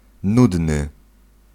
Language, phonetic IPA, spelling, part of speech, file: Polish, [ˈnudnɨ], nudny, adjective, Pl-nudny.ogg